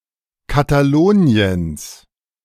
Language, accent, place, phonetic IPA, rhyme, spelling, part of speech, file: German, Germany, Berlin, [ˌkataˈloːni̯əns], -oːni̯əns, Kataloniens, noun, De-Kataloniens.ogg
- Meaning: genitive singular of Katalonien